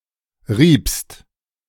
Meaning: second-person singular preterite of reiben
- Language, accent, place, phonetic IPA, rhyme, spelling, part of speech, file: German, Germany, Berlin, [ʁiːpst], -iːpst, riebst, verb, De-riebst.ogg